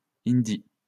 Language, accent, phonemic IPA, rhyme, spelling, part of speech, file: French, France, /in.di/, -i, hindî, noun, LL-Q150 (fra)-hindî.wav
- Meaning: the Hindi language of India